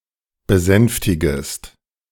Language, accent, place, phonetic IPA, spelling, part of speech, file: German, Germany, Berlin, [bəˈzɛnftɪɡəst], besänftigest, verb, De-besänftigest.ogg
- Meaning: second-person singular subjunctive I of besänftigen